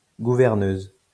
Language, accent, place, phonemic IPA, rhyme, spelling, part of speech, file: French, France, Lyon, /ɡu.vɛʁ.nøz/, -øz, gouverneuse, noun, LL-Q150 (fra)-gouverneuse.wav
- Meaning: female equivalent of gouverneur